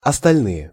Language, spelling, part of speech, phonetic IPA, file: Russian, остальные, adjective / noun, [ɐstɐlʲˈnɨje], Ru-остальные.ogg
- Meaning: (adjective) inflection of остально́й (ostalʹnój): 1. nominative plural 2. inanimate accusative plural; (noun) nominative/accusative plural of остально́е (ostalʹnóje)